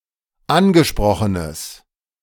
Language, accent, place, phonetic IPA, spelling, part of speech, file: German, Germany, Berlin, [ˈanɡəˌʃpʁɔxənəs], angesprochenes, adjective, De-angesprochenes.ogg
- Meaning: strong/mixed nominative/accusative neuter singular of angesprochen